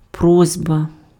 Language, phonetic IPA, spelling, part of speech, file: Ukrainian, [ˈprɔzʲbɐ], просьба, noun, Uk-просьба.ogg
- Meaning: request